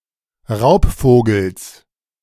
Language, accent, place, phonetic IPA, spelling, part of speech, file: German, Germany, Berlin, [ˈʁaʊ̯pˌfoːɡl̩s], Raubvogels, noun, De-Raubvogels.ogg
- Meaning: genitive singular of Raubvogel